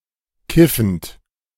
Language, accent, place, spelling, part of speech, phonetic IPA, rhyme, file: German, Germany, Berlin, kiffend, verb, [ˈkɪfn̩t], -ɪfn̩t, De-kiffend.ogg
- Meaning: present participle of kiffen